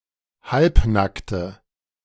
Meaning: inflection of halbnackt: 1. strong/mixed nominative/accusative feminine singular 2. strong nominative/accusative plural 3. weak nominative all-gender singular
- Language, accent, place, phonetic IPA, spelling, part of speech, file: German, Germany, Berlin, [ˈhalpˌnaktə], halbnackte, adjective, De-halbnackte.ogg